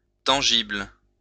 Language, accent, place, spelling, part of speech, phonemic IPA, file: French, France, Lyon, tangible, adjective, /tɑ̃.ʒibl/, LL-Q150 (fra)-tangible.wav
- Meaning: tangible